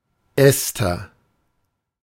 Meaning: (noun) ester; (proper noun) 1. Esther (biblical character) 2. the book of Esther 3. a female given name from Hebrew; variant form Esther
- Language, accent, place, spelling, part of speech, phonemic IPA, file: German, Germany, Berlin, Ester, noun / proper noun, /ˈɛstɐ/, De-Ester.ogg